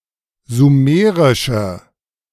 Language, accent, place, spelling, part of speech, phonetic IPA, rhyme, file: German, Germany, Berlin, sumerische, adjective, [zuˈmeːʁɪʃə], -eːʁɪʃə, De-sumerische.ogg
- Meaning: inflection of sumerisch: 1. strong/mixed nominative/accusative feminine singular 2. strong nominative/accusative plural 3. weak nominative all-gender singular